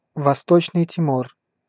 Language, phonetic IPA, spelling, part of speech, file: Russian, [vɐˈstot͡ɕnɨj tʲɪˈmor], Восточный Тимор, proper noun, Ru-Восточный Тимор.ogg
- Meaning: East Timor (a country and island of Southeast Asia; capital: Dili)